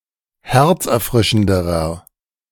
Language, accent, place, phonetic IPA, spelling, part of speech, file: German, Germany, Berlin, [ˈhɛʁt͡sʔɛɐ̯ˌfʁɪʃn̩dəʁɐ], herzerfrischenderer, adjective, De-herzerfrischenderer.ogg
- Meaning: inflection of herzerfrischend: 1. strong/mixed nominative masculine singular comparative degree 2. strong genitive/dative feminine singular comparative degree